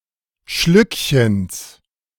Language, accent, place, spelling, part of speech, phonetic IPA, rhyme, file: German, Germany, Berlin, Schlückchens, noun, [ˈʃlʏkçəns], -ʏkçəns, De-Schlückchens.ogg
- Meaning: genitive singular of Schlückchen